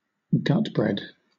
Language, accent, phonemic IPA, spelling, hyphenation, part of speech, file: English, Southern England, /ˈɡʌtbɹɛd/, gutbread, gut‧bread, noun, LL-Q1860 (eng)-gutbread.wav
- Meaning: The pancreas, especially the pancreas of livestock used as food